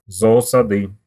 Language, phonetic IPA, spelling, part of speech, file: Russian, [zɐɐˈsadɨ], зоосады, noun, Ru-зоосады.ogg
- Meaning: nominative/accusative plural of зооса́д (zoosád)